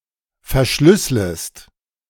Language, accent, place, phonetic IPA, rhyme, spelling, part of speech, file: German, Germany, Berlin, [fɛɐ̯ˈʃlʏsləst], -ʏsləst, verschlüsslest, verb, De-verschlüsslest.ogg
- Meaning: second-person singular subjunctive I of verschlüsseln